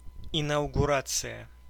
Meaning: inauguration (act of inaugurating)
- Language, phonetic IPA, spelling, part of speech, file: Russian, [ɪnəʊɡʊˈrat͡sɨjə], инаугурация, noun, Ru-инаугурация.ogg